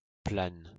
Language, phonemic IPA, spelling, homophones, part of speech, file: French, /plan/, plane, planes, noun / adjective / verb, LL-Q150 (fra)-plane.wav
- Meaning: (noun) 1. A plane tree 2. A plane (tool); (adjective) feminine singular of plan; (verb) inflection of planer: first/third-person singular present indicative/subjunctive